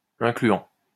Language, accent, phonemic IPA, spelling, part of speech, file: French, France, /ɛ̃.kly.ɑ̃/, incluant, verb, LL-Q150 (fra)-incluant.wav
- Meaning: present participle of inclure